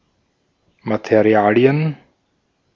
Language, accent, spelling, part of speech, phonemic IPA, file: German, Austria, Materialien, noun, /mat(e)ˈri̯aːli̯ən/, De-at-Materialien.ogg
- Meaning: plural of Material